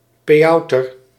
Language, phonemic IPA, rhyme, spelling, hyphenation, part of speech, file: Dutch, /ˌpeːˈɑu̯.tər/, -ɑu̯tər, peauter, pe‧au‧ter, noun, Nl-peauter.ogg
- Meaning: pewter; originally an alloy of tin and lead, now often tin alloyed with other metals